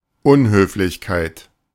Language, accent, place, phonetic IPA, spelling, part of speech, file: German, Germany, Berlin, [ˈʔʊnhøːflɪçkaɪ̯t], Unhöflichkeit, noun, De-Unhöflichkeit.ogg
- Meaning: 1. rudeness, discourtesy, impoliteness, discourteousness (The state of being rude.) 2. rudeness, discourtesy (An act of rudeness.)